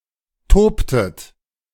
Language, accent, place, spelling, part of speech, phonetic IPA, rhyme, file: German, Germany, Berlin, tobtet, verb, [ˈtoːptət], -oːptət, De-tobtet.ogg
- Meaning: inflection of toben: 1. second-person plural preterite 2. second-person plural subjunctive II